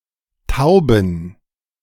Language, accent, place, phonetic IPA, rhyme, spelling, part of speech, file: German, Germany, Berlin, [ˈtaʊ̯bn̩], -aʊ̯bn̩, tauben, adjective, De-tauben.ogg
- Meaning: inflection of taub: 1. strong genitive masculine/neuter singular 2. weak/mixed genitive/dative all-gender singular 3. strong/weak/mixed accusative masculine singular 4. strong dative plural